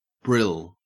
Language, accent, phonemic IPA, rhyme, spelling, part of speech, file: English, Australia, /bɹɪl/, -ɪl, brill, noun / adjective, En-au-brill.ogg
- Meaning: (noun) A type of flatfish, Scophthalmus rhombus; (adjective) Clipping of brilliant; wonderful, amusing; cool